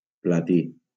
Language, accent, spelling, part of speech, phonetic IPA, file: Catalan, Valencia, platí, noun, [plaˈti], LL-Q7026 (cat)-platí.wav
- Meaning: platinum